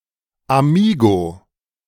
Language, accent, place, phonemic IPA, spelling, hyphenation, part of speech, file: German, Germany, Berlin, /aˈmiːɡo/, Amigo, A‧mi‧go, noun, De-Amigo.ogg
- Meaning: member of a clique, profiteer of cronyism, corrupt politician (especially in Bavaria)